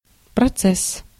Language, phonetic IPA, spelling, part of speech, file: Russian, [prɐˈt͡sɛs], процесс, noun, Ru-процесс.ogg
- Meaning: 1. process 2. trial, legal proceedings, lawsuit